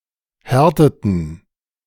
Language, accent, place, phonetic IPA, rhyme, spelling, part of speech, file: German, Germany, Berlin, [ˈhɛʁtətn̩], -ɛʁtətn̩, härteten, verb, De-härteten.ogg
- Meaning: inflection of härten: 1. first/third-person plural preterite 2. first/third-person plural subjunctive II